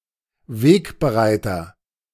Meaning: trailblazer, pioneer
- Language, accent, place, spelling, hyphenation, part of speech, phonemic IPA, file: German, Germany, Berlin, Wegbereiter, Weg‧be‧rei‧ter, noun, /ˈveːkbəˌʁaɪ̯tɐ/, De-Wegbereiter.ogg